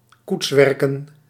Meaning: plural of koetswerk
- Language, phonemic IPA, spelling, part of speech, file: Dutch, /ˈkutswɛrkə(n)/, koetswerken, noun, Nl-koetswerken.ogg